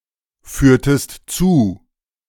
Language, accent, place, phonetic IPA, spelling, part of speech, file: German, Germany, Berlin, [ˌfyːɐ̯təst ˈt͡suː], führtest zu, verb, De-führtest zu.ogg
- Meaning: inflection of zuführen: 1. second-person singular preterite 2. second-person singular subjunctive II